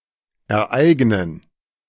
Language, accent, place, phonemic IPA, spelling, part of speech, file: German, Germany, Berlin, /ɛʁˈaɪ̯ɡnən/, ereignen, verb, De-ereignen.ogg
- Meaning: to occur, happen